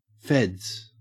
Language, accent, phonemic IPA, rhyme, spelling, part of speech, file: English, Australia, /fɛdz/, -ɛdz, feds, noun / verb, En-au-feds.ogg
- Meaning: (noun) 1. plural of fed 2. The federal level of government, viewed as a collective group of people. Typically its law enforcement agencies and officers 3. Law enforcement; cops